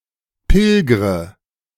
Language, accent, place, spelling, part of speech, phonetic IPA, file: German, Germany, Berlin, pilgre, verb, [ˈpɪlɡʁə], De-pilgre.ogg
- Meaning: inflection of pilgern: 1. first-person singular present 2. first/third-person singular subjunctive I 3. singular imperative